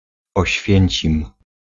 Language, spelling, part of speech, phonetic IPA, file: Polish, Oświęcim, proper noun, [ɔɕˈfʲjɛ̇̃ɲt͡ɕĩm], Pl-Oświęcim.ogg